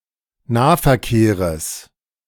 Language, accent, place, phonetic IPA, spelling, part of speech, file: German, Germany, Berlin, [ˈnaːfɛɐ̯ˌkeːʁəs], Nahverkehres, noun, De-Nahverkehres.ogg
- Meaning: genitive singular of Nahverkehr